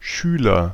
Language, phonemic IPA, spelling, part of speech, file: German, /ˈʃyːlɐ/, Schüler, noun, De-Schüler.ogg
- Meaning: 1. pupil, student, schoolboy (male or of unspecified gender) 2. disciple (male or of unspecified gender)